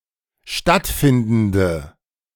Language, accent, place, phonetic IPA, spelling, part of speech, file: German, Germany, Berlin, [ˈʃtatˌfɪndn̩də], stattfindende, adjective, De-stattfindende.ogg
- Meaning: inflection of stattfindend: 1. strong/mixed nominative/accusative feminine singular 2. strong nominative/accusative plural 3. weak nominative all-gender singular